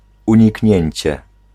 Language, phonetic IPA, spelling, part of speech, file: Polish, [ˌũɲiˈcɲɛ̇̃ɲt͡ɕɛ], uniknięcie, noun, Pl-uniknięcie.ogg